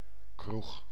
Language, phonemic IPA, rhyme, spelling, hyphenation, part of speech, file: Dutch, /krux/, -ux, kroeg, kroeg, noun, Nl-kroeg.ogg
- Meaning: a pub